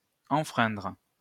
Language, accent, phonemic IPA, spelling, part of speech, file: French, France, /ɑ̃.fʁɛ̃dʁ/, enfreindre, verb, LL-Q150 (fra)-enfreindre.wav
- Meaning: to infringe